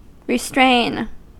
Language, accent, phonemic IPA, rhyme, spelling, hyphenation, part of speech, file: English, US, /ɹɪˈstɹeɪn/, -eɪn, restrain, re‧strain, verb, En-us-restrain.ogg
- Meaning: 1. To control or keep in check 2. To deprive of liberty 3. To restrict or limit